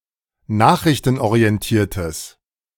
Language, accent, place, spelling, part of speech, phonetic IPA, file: German, Germany, Berlin, nachrichtenorientiertes, adjective, [ˈnaːxʁɪçtn̩ʔoʁiɛnˌtiːɐ̯təs], De-nachrichtenorientiertes.ogg
- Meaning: strong/mixed nominative/accusative neuter singular of nachrichtenorientiert